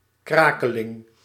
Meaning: 1. a brittle, usually sweet pretzel-shaped pastry, often a puff pastry 2. a brittle donut-shaped pastry
- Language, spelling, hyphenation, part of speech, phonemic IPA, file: Dutch, krakeling, kra‧ke‧ling, noun, /ˈkraː.kə.lɪŋ/, Nl-krakeling.ogg